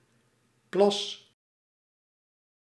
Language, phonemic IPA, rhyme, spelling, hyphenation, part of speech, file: Dutch, /plɑs/, -ɑs, plas, plas, noun / verb, Nl-plas.ogg
- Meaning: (noun) 1. a body of still water, pool 2. puddle 3. an act of urinating, or its result; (verb) inflection of plassen: first-person singular present indicative